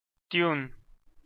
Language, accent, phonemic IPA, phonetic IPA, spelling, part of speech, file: Armenian, Eastern Armenian, /tjun/, [tjun], տյուն, noun, Hy-EA-տյուն.ogg
- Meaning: the name of the Armenian letter տ (t)